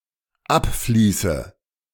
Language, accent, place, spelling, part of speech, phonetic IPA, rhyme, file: German, Germany, Berlin, abfließe, verb, [ˈapˌfliːsə], -apfliːsə, De-abfließe.ogg
- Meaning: inflection of abfließen: 1. first-person singular dependent present 2. first/third-person singular dependent subjunctive I